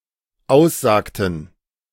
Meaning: inflection of aussagen: 1. first/third-person plural dependent preterite 2. first/third-person plural dependent subjunctive II
- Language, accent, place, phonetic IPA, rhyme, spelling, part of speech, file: German, Germany, Berlin, [ˈaʊ̯sˌzaːktn̩], -aʊ̯szaːktn̩, aussagten, verb, De-aussagten.ogg